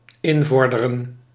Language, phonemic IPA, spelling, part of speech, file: Dutch, /ˈɪnˌvɔrdərə(n)/, invorderen, verb, Nl-invorderen.ogg
- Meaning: 1. to confiscate 2. to collect (debt)